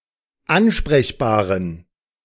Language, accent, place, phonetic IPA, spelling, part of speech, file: German, Germany, Berlin, [ˈanʃpʁɛçbaːʁən], ansprechbaren, adjective, De-ansprechbaren.ogg
- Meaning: inflection of ansprechbar: 1. strong genitive masculine/neuter singular 2. weak/mixed genitive/dative all-gender singular 3. strong/weak/mixed accusative masculine singular 4. strong dative plural